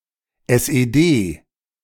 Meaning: initialism of Sozialistische Einheitspartei Deutschlands (“Socialist Unity Party of Germany”, the “East German Communist Party”)
- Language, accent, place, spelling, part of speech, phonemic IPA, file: German, Germany, Berlin, SED, proper noun, /ˌɛs.eˈdeː/, De-SED.ogg